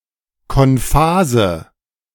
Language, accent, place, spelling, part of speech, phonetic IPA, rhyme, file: German, Germany, Berlin, konphase, adjective, [kɔnˈfaːzə], -aːzə, De-konphase.ogg
- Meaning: inflection of konphas: 1. strong/mixed nominative/accusative feminine singular 2. strong nominative/accusative plural 3. weak nominative all-gender singular 4. weak accusative feminine/neuter singular